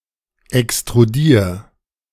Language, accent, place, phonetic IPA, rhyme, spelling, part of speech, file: German, Germany, Berlin, [ɛkstʁuˈdiːɐ̯], -iːɐ̯, extrudier, verb, De-extrudier.ogg
- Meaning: 1. singular imperative of extrudieren 2. first-person singular present of extrudieren